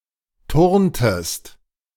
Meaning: inflection of turnen: 1. second-person singular preterite 2. second-person singular subjunctive II
- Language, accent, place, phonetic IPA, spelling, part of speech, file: German, Germany, Berlin, [ˈtʊʁntəst], turntest, verb, De-turntest.ogg